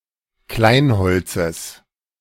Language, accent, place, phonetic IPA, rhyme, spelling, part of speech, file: German, Germany, Berlin, [ˈklaɪ̯nˌhɔlt͡səs], -aɪ̯nhɔlt͡səs, Kleinholzes, noun, De-Kleinholzes.ogg
- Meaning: genitive of Kleinholz